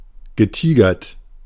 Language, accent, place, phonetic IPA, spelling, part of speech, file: German, Germany, Berlin, [ɡəˈtiːɡɐt], getigert, adjective / verb, De-getigert.ogg
- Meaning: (verb) past participle of tigern; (adjective) having a tiger pattern, striped irregularly